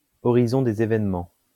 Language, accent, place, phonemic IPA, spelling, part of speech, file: French, France, Lyon, /ɔ.ʁi.zɔ̃ de.z‿e.vɛn.mɑ̃/, horizon des événements, noun, LL-Q150 (fra)-horizon des événements.wav
- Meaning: event horizon